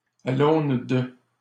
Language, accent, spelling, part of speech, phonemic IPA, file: French, Canada, à l'aune de, preposition, /a l‿on də/, LL-Q150 (fra)-à l'aune de.wav
- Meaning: in the light of, with regards to, by the standards of, by the yardstick of, by taking as a reference